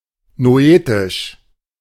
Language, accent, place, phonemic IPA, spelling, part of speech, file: German, Germany, Berlin, /noˈʔeːtɪʃ/, noetisch, adjective, De-noetisch.ogg
- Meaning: noetic